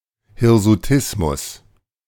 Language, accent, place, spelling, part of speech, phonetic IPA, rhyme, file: German, Germany, Berlin, Hirsutismus, noun, [hɪʁzuˈtɪsmʊs], -ɪsmʊs, De-Hirsutismus.ogg
- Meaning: hirsutism